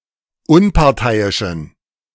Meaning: inflection of unparteiisch: 1. strong genitive masculine/neuter singular 2. weak/mixed genitive/dative all-gender singular 3. strong/weak/mixed accusative masculine singular 4. strong dative plural
- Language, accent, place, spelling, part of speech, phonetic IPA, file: German, Germany, Berlin, unparteiischen, adjective, [ˈʊnpaʁˌtaɪ̯ɪʃn̩], De-unparteiischen.ogg